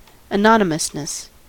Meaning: The state or quality of being anonymous
- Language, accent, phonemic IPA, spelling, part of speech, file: English, US, /əˈnɒn.ɪ.məs.nəs/, anonymousness, noun, En-us-anonymousness.ogg